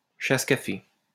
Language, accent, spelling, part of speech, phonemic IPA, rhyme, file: French, France, chasse-café, noun, /ʃas.ka.fe/, -e, LL-Q150 (fra)-chasse-café.wav
- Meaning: chasse-café, pousse-café (small glass of alcohol after coffee)